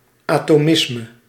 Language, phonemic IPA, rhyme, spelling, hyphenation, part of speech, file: Dutch, /ˌaː.toːˈmɪs.mə/, -ɪsmə, atomisme, ato‧mis‧me, noun, Nl-atomisme.ogg
- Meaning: atomism